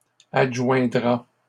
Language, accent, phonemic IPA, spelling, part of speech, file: French, Canada, /ad.ʒwɛ̃.dʁa/, adjoindra, verb, LL-Q150 (fra)-adjoindra.wav
- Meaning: third-person singular simple future of adjoindre